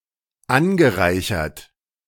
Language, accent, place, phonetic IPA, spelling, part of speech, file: German, Germany, Berlin, [ˈanɡəˌʁaɪ̯çɐt], angereichert, adjective / verb, De-angereichert.ogg
- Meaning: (verb) past participle of anreichern; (adjective) enriched, fortified